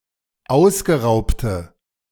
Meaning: inflection of ausgeraubt: 1. strong/mixed nominative/accusative feminine singular 2. strong nominative/accusative plural 3. weak nominative all-gender singular
- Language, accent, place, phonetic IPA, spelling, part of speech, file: German, Germany, Berlin, [ˈaʊ̯sɡəˌʁaʊ̯ptə], ausgeraubte, adjective, De-ausgeraubte.ogg